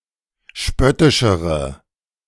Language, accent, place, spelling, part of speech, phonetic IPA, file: German, Germany, Berlin, spöttischere, adjective, [ˈʃpœtɪʃəʁə], De-spöttischere.ogg
- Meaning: inflection of spöttisch: 1. strong/mixed nominative/accusative feminine singular comparative degree 2. strong nominative/accusative plural comparative degree